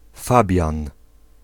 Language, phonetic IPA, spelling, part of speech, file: Polish, [ˈfabʲjãn], Fabian, proper noun / noun, Pl-Fabian.ogg